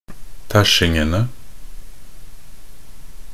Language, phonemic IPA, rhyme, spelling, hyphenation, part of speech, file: Norwegian Bokmål, /ˈtæʃːɪŋənə/, -ənə, tæsjingene, tæsj‧ing‧en‧e, noun, Nb-tæsjingene.ogg
- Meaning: definite plural of tæsjing